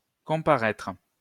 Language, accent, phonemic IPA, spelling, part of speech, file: French, France, /kɔ̃.pa.ʁɛtʁ/, comparaître, verb, LL-Q150 (fra)-comparaître.wav
- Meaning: to appear before a judge or government official